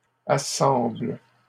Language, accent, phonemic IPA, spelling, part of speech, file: French, Canada, /a.sɑ̃bl/, assemblent, verb, LL-Q150 (fra)-assemblent.wav
- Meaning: third-person plural present indicative/subjunctive of assembler